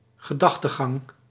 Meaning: reasoning, way of thinking, line of reasoning
- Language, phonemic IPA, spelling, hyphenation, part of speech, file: Dutch, /ɣəˈdɑx.təˌɣɑŋ/, gedachtegang, ge‧dach‧te‧gang, noun, Nl-gedachtegang.ogg